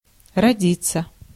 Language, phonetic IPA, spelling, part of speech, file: Russian, [rɐˈdʲit͡sːə], родиться, verb, Ru-родиться.ogg
- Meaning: 1. to be born 2. to arise, to come into being 3. to sprout, to grow, to germinate, to yield at harvest